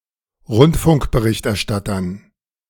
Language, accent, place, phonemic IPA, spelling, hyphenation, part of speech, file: German, Germany, Berlin, /ˈʁʊntfʊŋk.bəˌʁɪçtʔɛɐ̯ˌʃtatɐn/, Rundfunkberichterstattern, Rund‧funk‧be‧richt‧er‧stat‧tern, noun, De-Rundfunkberichterstattern.ogg
- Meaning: dative plural of Rundfunkberichterstatter